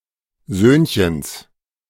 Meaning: genitive singular of Söhnchen
- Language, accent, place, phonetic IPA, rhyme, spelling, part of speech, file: German, Germany, Berlin, [ˈzøːnçəns], -øːnçəns, Söhnchens, noun, De-Söhnchens.ogg